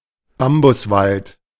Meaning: bamboo forest
- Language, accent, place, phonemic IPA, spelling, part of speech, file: German, Germany, Berlin, /ˈbambʊsˌvalt/, Bambuswald, noun, De-Bambuswald.ogg